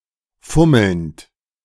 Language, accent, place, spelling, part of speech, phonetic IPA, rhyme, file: German, Germany, Berlin, fummelnd, verb, [ˈfʊml̩nt], -ʊml̩nt, De-fummelnd.ogg
- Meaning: present participle of fummeln